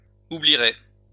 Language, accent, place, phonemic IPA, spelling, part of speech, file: French, France, Lyon, /u.bli.ʁe/, oublierez, verb, LL-Q150 (fra)-oublierez.wav
- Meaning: second-person plural future of oublier